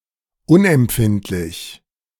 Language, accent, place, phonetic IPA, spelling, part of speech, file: German, Germany, Berlin, [ˈʊnʔɛmˌpfɪntlɪç], unempfindlich, adjective, De-unempfindlich.ogg
- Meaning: insensitive